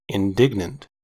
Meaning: Showing anger or indignation, especially at something unjust or wrong
- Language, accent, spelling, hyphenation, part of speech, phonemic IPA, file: English, US, indignant, in‧dig‧nant, adjective, /ɪnˈdɪɡ.nənt/, En-us-indignant.ogg